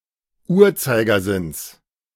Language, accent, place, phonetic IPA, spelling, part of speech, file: German, Germany, Berlin, [ˈuːɐ̯t͡saɪ̯ɡɐˌzɪns], Uhrzeigersinns, noun, De-Uhrzeigersinns.ogg
- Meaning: genitive singular of Uhrzeigersinn